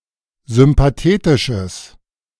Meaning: strong/mixed nominative/accusative neuter singular of sympathetisch
- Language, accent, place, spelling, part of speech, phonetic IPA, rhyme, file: German, Germany, Berlin, sympathetisches, adjective, [zʏmpaˈteːtɪʃəs], -eːtɪʃəs, De-sympathetisches.ogg